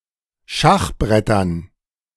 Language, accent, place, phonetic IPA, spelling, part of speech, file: German, Germany, Berlin, [ˈʃaxˌbʁɛtɐn], Schachbrettern, noun, De-Schachbrettern.ogg
- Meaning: dative plural of Schachbrett